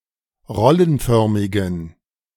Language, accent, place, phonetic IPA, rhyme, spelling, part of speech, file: German, Germany, Berlin, [ˈʁɔlənˌfœʁmɪɡn̩], -ɔlənfœʁmɪɡn̩, rollenförmigen, adjective, De-rollenförmigen.ogg
- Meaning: inflection of rollenförmig: 1. strong genitive masculine/neuter singular 2. weak/mixed genitive/dative all-gender singular 3. strong/weak/mixed accusative masculine singular 4. strong dative plural